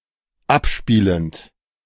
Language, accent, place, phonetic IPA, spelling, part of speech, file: German, Germany, Berlin, [ˈapˌʃpiːlənt], abspielend, verb, De-abspielend.ogg
- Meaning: present participle of abspielen